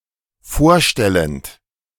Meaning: present participle of vorstellen
- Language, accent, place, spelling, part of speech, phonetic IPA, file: German, Germany, Berlin, vorstellend, verb, [ˈfoːɐ̯ˌʃtɛlənt], De-vorstellend.ogg